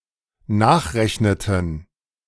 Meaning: inflection of nachrechnen: 1. first/third-person plural dependent preterite 2. first/third-person plural dependent subjunctive II
- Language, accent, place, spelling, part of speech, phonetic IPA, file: German, Germany, Berlin, nachrechneten, verb, [ˈnaːxˌʁɛçnətn̩], De-nachrechneten.ogg